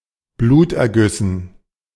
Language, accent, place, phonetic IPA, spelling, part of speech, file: German, Germany, Berlin, [ˈbluːtʔɛɐ̯ˌɡʏsn̩], Blutergüssen, noun, De-Blutergüssen.ogg
- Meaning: dative plural of Bluterguss